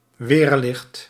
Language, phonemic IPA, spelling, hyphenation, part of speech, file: Dutch, /ˈʋeːr.lɪxt/, weerlicht, weer‧licht, noun, Nl-weerlicht.ogg
- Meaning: 1. sheet lightning 2. lightning (in general)